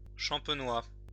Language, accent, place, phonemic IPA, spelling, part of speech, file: French, France, Lyon, /ʃɑ̃.pə.nwa/, champenois, adjective / noun, LL-Q150 (fra)-champenois.wav
- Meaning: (adjective) of, from or relating to Champagne, wine-producing cultural region, part of the administrative region of Grand Est, France; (noun) Champenois (Romance language or dialect)